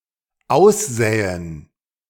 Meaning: to sow
- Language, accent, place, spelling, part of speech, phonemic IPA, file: German, Germany, Berlin, aussäen, verb, /ˈaʊ̯sˌzɛːən/, De-aussäen.ogg